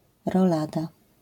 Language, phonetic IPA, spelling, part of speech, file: Polish, [rɔˈlada], rolada, noun, LL-Q809 (pol)-rolada.wav